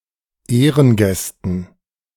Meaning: dative plural of Ehrengast
- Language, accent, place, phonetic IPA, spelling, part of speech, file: German, Germany, Berlin, [ˈeːʁənˌɡɛstn̩], Ehrengästen, noun, De-Ehrengästen.ogg